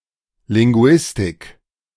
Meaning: linguistics
- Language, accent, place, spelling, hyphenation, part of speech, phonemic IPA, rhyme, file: German, Germany, Berlin, Linguistik, Lin‧gu‧is‧tik, noun, /lɪŋˈɡu̯ɪstɪk/, -ɪstɪk, De-Linguistik.ogg